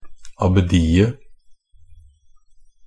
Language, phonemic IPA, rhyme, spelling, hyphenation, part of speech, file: Norwegian Bokmål, /abəˈdiːə/, -iːə, abbediet, ab‧be‧di‧et, noun, NB - Pronunciation of Norwegian Bokmål «abbediet».ogg
- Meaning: definite singular of abbedi